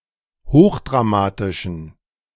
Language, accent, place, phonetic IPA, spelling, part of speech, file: German, Germany, Berlin, [ˈhoːxdʁaˌmaːtɪʃn̩], hochdramatischen, adjective, De-hochdramatischen.ogg
- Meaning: inflection of hochdramatisch: 1. strong genitive masculine/neuter singular 2. weak/mixed genitive/dative all-gender singular 3. strong/weak/mixed accusative masculine singular 4. strong dative plural